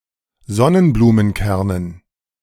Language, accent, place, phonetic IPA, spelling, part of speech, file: German, Germany, Berlin, [ˈzɔnənbluːmənˌkɛʁnən], Sonnenblumenkernen, noun, De-Sonnenblumenkernen.ogg
- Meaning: dative plural of Sonnenblumenkern